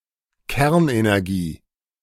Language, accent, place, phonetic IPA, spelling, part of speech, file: German, Germany, Berlin, [ˈkɛʁnʔenɛʁˌɡiː], Kernenergie, noun, De-Kernenergie.ogg
- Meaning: nuclear energy